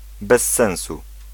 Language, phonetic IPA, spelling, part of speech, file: Polish, [bɛs‿ˈːɛ̃w̃su], bez sensu, adjectival phrase / adverbial phrase / interjection, Pl-bez sensu.ogg